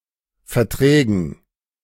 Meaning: dative plural of Vertrag
- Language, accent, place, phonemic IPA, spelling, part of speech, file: German, Germany, Berlin, /fɛʁˈtʁɛːɡən/, Verträgen, noun, De-Verträgen.ogg